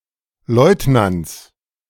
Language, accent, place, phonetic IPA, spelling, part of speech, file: German, Germany, Berlin, [ˈlɔɪ̯tnant͡s], Leutnants, noun, De-Leutnants.ogg
- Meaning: genitive singular of Leutnant